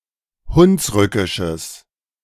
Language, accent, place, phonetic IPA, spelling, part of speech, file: German, Germany, Berlin, [ˈhʊnsˌʁʏkɪʃəs], hunsrückisches, adjective, De-hunsrückisches.ogg
- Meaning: strong/mixed nominative/accusative neuter singular of hunsrückisch